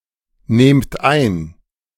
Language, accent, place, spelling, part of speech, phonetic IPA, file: German, Germany, Berlin, nehmt ein, verb, [ˌneːmt ˈaɪ̯n], De-nehmt ein.ogg
- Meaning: inflection of einnehmen: 1. second-person plural present 2. plural imperative